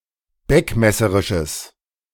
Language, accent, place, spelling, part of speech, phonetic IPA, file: German, Germany, Berlin, beckmesserisches, adjective, [ˈbɛkmɛsəʁɪʃəs], De-beckmesserisches.ogg
- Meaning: strong/mixed nominative/accusative neuter singular of beckmesserisch